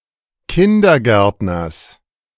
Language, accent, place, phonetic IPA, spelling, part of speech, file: German, Germany, Berlin, [ˈkɪndɐˌɡɛʁtnɐs], Kindergärtners, noun, De-Kindergärtners.ogg
- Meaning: genitive of Kindergärtner